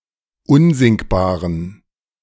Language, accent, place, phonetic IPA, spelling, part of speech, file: German, Germany, Berlin, [ˈʊnzɪŋkbaːʁən], unsinkbaren, adjective, De-unsinkbaren.ogg
- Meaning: inflection of unsinkbar: 1. strong genitive masculine/neuter singular 2. weak/mixed genitive/dative all-gender singular 3. strong/weak/mixed accusative masculine singular 4. strong dative plural